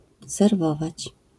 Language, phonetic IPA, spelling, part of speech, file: Polish, [sɛrˈvɔvat͡ɕ], serwować, verb, LL-Q809 (pol)-serwować.wav